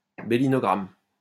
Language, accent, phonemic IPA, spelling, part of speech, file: French, France, /be.li.nɔ.ɡʁam/, bélinogramme, noun, LL-Q150 (fra)-bélinogramme.wav
- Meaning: wirephoto, telephotograph (photographic image transmitted by wire)